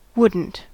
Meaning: would not (negative auxiliary)
- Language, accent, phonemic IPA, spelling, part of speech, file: English, US, /ˈwʊdn̩t/, wouldn't, verb, En-us-wouldn't.ogg